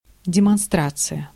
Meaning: 1. demonstration (show, display) 2. demonstration (march, protest) 3. demonstration (show of military force) 4. mass procession 5. diversionary action
- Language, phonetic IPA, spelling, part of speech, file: Russian, [dʲɪmɐnˈstrat͡sɨjə], демонстрация, noun, Ru-демонстрация.ogg